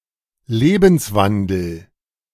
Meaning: lifestyle
- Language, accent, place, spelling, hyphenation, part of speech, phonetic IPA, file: German, Germany, Berlin, Lebenswandel, Le‧bens‧wan‧del, noun, [ˈleːbənsˌvandl̩], De-Lebenswandel.ogg